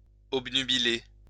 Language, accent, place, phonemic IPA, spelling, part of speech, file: French, France, Lyon, /ɔb.ny.bi.le/, obnubiler, verb, LL-Q150 (fra)-obnubiler.wav
- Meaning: 1. to cloud, to obscure 2. to obsess, to engross